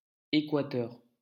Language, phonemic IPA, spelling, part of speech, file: French, /e.kwa.tœʁ/, Équateur, proper noun, LL-Q150 (fra)-Équateur.wav
- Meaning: Ecuador (a country in South America)